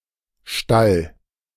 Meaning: stable, sty, shed, barn (building for keeping animals of all sorts); stall, sty (compartment within such a building); (loosely) pen (small outdoors area for keeping animals, properly Pferch)
- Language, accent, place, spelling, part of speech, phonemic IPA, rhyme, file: German, Germany, Berlin, Stall, noun, /ʃtal/, -al, De-Stall.ogg